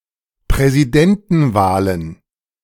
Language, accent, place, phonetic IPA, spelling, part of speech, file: German, Germany, Berlin, [pʁɛziˈdɛntn̩ˌvaːlən], Präsidentenwahlen, noun, De-Präsidentenwahlen.ogg
- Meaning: plural of Präsidentenwahl